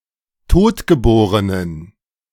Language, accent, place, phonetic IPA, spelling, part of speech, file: German, Germany, Berlin, [ˈtoːtɡəˌboːʁənən], totgeborenen, adjective, De-totgeborenen.ogg
- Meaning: inflection of totgeboren: 1. strong genitive masculine/neuter singular 2. weak/mixed genitive/dative all-gender singular 3. strong/weak/mixed accusative masculine singular 4. strong dative plural